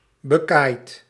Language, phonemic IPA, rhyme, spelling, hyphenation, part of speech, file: Dutch, /bəˈkaːi̯t/, -aːi̯t, bekaaid, be‧kaaid, adjective, Nl-bekaaid.ogg
- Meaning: 1. having come off badly, let down, disappointed, disadvantaged 2. bad, poor